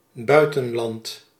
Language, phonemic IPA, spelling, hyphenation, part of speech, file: Dutch, /ˈbœy̯.tə(n)ˌlɑnt/, buitenland, bui‧ten‧land, noun, Nl-buitenland.ogg
- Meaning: all foreign countries, collectively; anything abroad